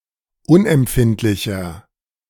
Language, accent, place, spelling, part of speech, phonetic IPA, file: German, Germany, Berlin, unempfindlicher, adjective, [ˈʊnʔɛmˌpfɪntlɪçɐ], De-unempfindlicher.ogg
- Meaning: 1. comparative degree of unempfindlich 2. inflection of unempfindlich: strong/mixed nominative masculine singular 3. inflection of unempfindlich: strong genitive/dative feminine singular